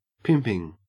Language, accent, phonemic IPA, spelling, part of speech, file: English, Australia, /ˈpɪmpɪŋ/, pimping, adjective / noun / verb, En-au-pimping.ogg
- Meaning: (adjective) 1. Little or petty 2. Puny; sickly 3. Consisting of or having the qualities of a pimp; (noun) The practise of managing and hiring out prostitutes